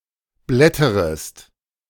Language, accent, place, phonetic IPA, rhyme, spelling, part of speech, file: German, Germany, Berlin, [ˈblɛtəʁəst], -ɛtəʁəst, blätterest, verb, De-blätterest.ogg
- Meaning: second-person singular subjunctive I of blättern